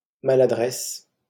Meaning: 1. clumsiness 2. tactlessness 3. awkwardness 4. mistake, blunder
- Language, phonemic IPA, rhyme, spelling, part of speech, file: French, /ma.la.dʁɛs/, -ɛs, maladresse, noun, LL-Q150 (fra)-maladresse.wav